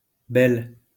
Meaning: female equivalent of beau-: step-, in-law (female)
- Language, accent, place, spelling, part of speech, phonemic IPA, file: French, France, Lyon, belle-, prefix, /bɛl/, LL-Q150 (fra)-belle-.wav